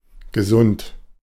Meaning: 1. healthy (enjoying health) 2. healthy (conducive to health)
- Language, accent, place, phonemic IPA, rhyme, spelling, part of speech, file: German, Germany, Berlin, /ɡəˈzʊnt/, -ʊnt, gesund, adjective, De-gesund.ogg